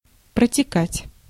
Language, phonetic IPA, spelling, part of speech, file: Russian, [prətʲɪˈkatʲ], протекать, verb, Ru-протекать.ogg
- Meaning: 1. to flow, to run 2. to leak, to ooze 3. to be leaky 4. to elapse, to fly 5. to progress